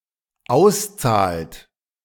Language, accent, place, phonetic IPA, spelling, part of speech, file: German, Germany, Berlin, [ˈaʊ̯sˌt͡saːlt], auszahlt, verb, De-auszahlt.ogg
- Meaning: inflection of auszahlen: 1. third-person singular dependent present 2. second-person plural dependent present